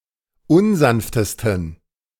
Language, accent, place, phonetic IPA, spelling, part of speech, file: German, Germany, Berlin, [ˈʊnˌzanftəstn̩], unsanftesten, adjective, De-unsanftesten.ogg
- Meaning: 1. superlative degree of unsanft 2. inflection of unsanft: strong genitive masculine/neuter singular superlative degree